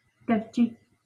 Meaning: spoon
- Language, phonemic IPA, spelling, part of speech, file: Northern Kurdish, /kɛvˈt͡ʃiː/, kevçî, noun, LL-Q36368 (kur)-kevçî.wav